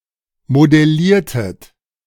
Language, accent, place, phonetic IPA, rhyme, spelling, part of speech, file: German, Germany, Berlin, [modɛˈliːɐ̯tət], -iːɐ̯tət, modelliertet, verb, De-modelliertet.ogg
- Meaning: inflection of modellieren: 1. second-person plural preterite 2. second-person plural subjunctive II